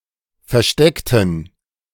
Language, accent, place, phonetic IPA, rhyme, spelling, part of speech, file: German, Germany, Berlin, [fɛɐ̯ˈʃtɛktn̩], -ɛktn̩, versteckten, adjective / verb, De-versteckten.ogg
- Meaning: inflection of verstecken: 1. first/third-person plural preterite 2. first/third-person plural subjunctive II